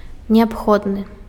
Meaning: indispensable, necessary
- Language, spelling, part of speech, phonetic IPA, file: Belarusian, неабходны, adjective, [nʲeapˈxodnɨ], Be-неабходны.ogg